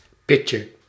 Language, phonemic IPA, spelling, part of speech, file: Dutch, /ˈpɪcə/, pitje, noun, Nl-pitje.ogg
- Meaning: diminutive of pit